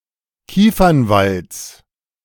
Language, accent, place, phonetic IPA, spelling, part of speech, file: German, Germany, Berlin, [ˈkiːfɐnˌvalt͡s], Kiefernwalds, noun, De-Kiefernwalds.ogg
- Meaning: genitive singular of Kiefernwald